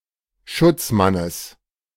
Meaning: genitive singular of Schutzmann
- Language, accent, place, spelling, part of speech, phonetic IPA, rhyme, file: German, Germany, Berlin, Schutzmannes, noun, [ˈʃʊt͡sˌmanəs], -ʊt͡smanəs, De-Schutzmannes.ogg